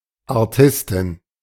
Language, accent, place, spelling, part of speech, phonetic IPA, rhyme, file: German, Germany, Berlin, Artisten, noun, [aʁˈtɪstn̩], -ɪstn̩, De-Artisten.ogg
- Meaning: inflection of Artist: 1. genitive/dative/accusative singular 2. nominative/genitive/dative/accusative plural